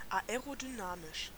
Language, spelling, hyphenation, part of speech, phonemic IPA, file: German, aerodynamisch, ae‧ro‧dy‧na‧misch, adjective, /aeʁodyˈnaːmɪʃ/, De-aerodynamisch.ogg
- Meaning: aerodynamic, aerodynamical